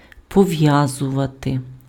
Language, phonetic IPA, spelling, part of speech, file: Ukrainian, [pɔˈʋjazʊʋɐte], пов'язувати, verb, Uk-пов'язувати.ogg
- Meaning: 1. to tie, to bind 2. to connect, to link